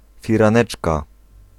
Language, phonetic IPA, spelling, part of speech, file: Polish, [ˌfʲirãˈnɛt͡ʃka], firaneczka, noun, Pl-firaneczka.ogg